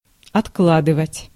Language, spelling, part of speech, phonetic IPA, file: Russian, откладывать, verb, [ɐtˈkɫadɨvətʲ], Ru-откладывать.ogg
- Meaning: 1. to set aside 2. to lay by, to save (money for some purchase) 3. to put off, to delay, to adjourn, to postpone